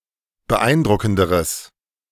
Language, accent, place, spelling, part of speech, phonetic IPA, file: German, Germany, Berlin, beeindruckenderes, adjective, [bəˈʔaɪ̯nˌdʁʊkn̩dəʁəs], De-beeindruckenderes.ogg
- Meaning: strong/mixed nominative/accusative neuter singular comparative degree of beeindruckend